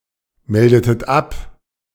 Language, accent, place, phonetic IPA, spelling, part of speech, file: German, Germany, Berlin, [ˌmɛldətət ˈap], meldetet ab, verb, De-meldetet ab.ogg
- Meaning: inflection of abmelden: 1. second-person plural preterite 2. second-person plural subjunctive II